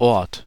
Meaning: 1. place, location, point, position 2. place of abode, settled dwelling, village, town 3. the collective of inhabitants of such a settlement 4. locus, point (plural Örter)
- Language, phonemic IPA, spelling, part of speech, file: German, /ɔʁt/, Ort, noun, De-Ort.ogg